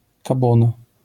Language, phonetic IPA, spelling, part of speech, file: Polish, [kaˈbɔ̃na], kabona, noun, LL-Q809 (pol)-kabona.wav